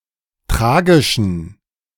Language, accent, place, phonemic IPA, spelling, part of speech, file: German, Germany, Berlin, /ˈtʁaːɡɪʃən/, tragischen, adjective, De-tragischen.ogg
- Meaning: inflection of tragisch: 1. strong genitive masculine/neuter singular 2. weak/mixed genitive/dative all-gender singular 3. strong/weak/mixed accusative masculine singular 4. strong dative plural